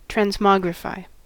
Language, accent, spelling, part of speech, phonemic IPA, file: English, US, transmogrify, verb, /tɹænzˈmɑɡɹɪfaɪ/, En-us-transmogrify.ogg
- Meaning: 1. To substantially or completely alter the form of 2. To completely alter one's form